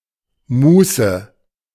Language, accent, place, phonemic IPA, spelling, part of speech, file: German, Germany, Berlin, /ˈmuːsə/, Muße, noun, De-Muße.ogg
- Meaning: leisure